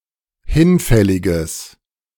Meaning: strong/mixed nominative/accusative neuter singular of hinfällig
- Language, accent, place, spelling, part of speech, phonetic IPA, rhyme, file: German, Germany, Berlin, hinfälliges, adjective, [ˈhɪnˌfɛlɪɡəs], -ɪnfɛlɪɡəs, De-hinfälliges.ogg